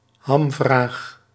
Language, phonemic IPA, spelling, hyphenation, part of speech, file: Dutch, /ˈɦɑm.vraːx/, hamvraag, ham‧vraag, noun, Nl-hamvraag.ogg
- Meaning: million-dollar question (the final, critical or most important question, the crux)